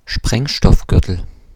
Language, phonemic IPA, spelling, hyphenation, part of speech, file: German, /ˈʃpʁɛŋʃtɔfˌɡʏʁtəl/, Sprengstoffgürtel, Spreng‧stoff‧gür‧tel, noun, De-Sprengstoffgürtel.ogg
- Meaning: explosive belt, suicide belt